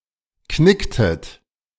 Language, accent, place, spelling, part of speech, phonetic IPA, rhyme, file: German, Germany, Berlin, knicktet, verb, [ˈknɪktət], -ɪktət, De-knicktet.ogg
- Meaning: inflection of knicken: 1. second-person plural preterite 2. second-person plural subjunctive II